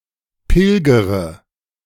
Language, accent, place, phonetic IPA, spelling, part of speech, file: German, Germany, Berlin, [ˈpɪlɡəʁə], pilgere, verb, De-pilgere.ogg
- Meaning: inflection of pilgern: 1. first-person singular present 2. first/third-person singular subjunctive I 3. singular imperative